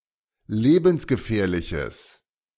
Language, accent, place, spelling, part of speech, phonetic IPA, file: German, Germany, Berlin, lebensgefährliches, adjective, [ˈleːbn̩sɡəˌfɛːɐ̯lɪçəs], De-lebensgefährliches.ogg
- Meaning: strong/mixed nominative/accusative neuter singular of lebensgefährlich